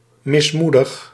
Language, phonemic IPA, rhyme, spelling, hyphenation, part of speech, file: Dutch, /ˌmɪsˈmu.dəx/, -udəx, mismoedig, mis‧moe‧dig, adjective, Nl-mismoedig.ogg
- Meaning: 1. downcast, despondent 2. desperate, plagued by despair